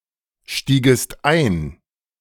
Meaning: second-person singular subjunctive II of einsteigen
- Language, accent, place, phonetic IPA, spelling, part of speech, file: German, Germany, Berlin, [ˌʃtiːɡəst ˈaɪ̯n], stiegest ein, verb, De-stiegest ein.ogg